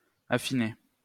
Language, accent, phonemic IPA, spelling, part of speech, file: French, France, /a.fi.ne/, affiner, verb, LL-Q150 (fra)-affiner.wav
- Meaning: 1. to purify 2. to refine 3. to make finer